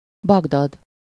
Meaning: 1. Baghdad (the capital city of Iraq) 2. Baghdad (a governorate of Iraq)
- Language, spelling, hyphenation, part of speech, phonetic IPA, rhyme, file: Hungarian, Bagdad, Bag‧dad, proper noun, [ˈbɒɡdɒd], -ɒd, Hu-Bagdad.ogg